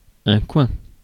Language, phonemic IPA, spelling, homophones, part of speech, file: French, /kwɛ̃/, coin, coing / coings / coins, noun / interjection, Fr-coin.ogg
- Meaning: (noun) 1. wedge, cornerpiece 2. corner 3. area, part, place, spot; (interjection) quack